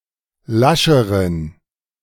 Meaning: inflection of lasch: 1. strong genitive masculine/neuter singular comparative degree 2. weak/mixed genitive/dative all-gender singular comparative degree
- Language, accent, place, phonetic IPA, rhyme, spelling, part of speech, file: German, Germany, Berlin, [ˈlaʃəʁən], -aʃəʁən, lascheren, adjective, De-lascheren.ogg